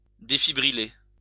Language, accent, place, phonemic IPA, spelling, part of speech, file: French, France, Lyon, /de.fi.bʁi.le/, défibriller, verb, LL-Q150 (fra)-défibriller.wav
- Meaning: to defibrillate